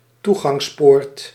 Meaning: gateway
- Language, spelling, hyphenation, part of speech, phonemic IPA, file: Dutch, toegangspoort, toe‧gangs‧poort, noun, /ˈtuɣɑŋsˌport/, Nl-toegangspoort.ogg